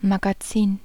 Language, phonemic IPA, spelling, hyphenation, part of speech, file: German, /maɡaˈtsiːn/, Magazin, Ma‧ga‧zin, noun, De-Magazin.ogg
- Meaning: 1. magazine (periodical) 2. warehouse 3. storage (especially in a library or museum) 4. magazine (ammunition storehouse) 5. magazine (weapon’s ammunition holder)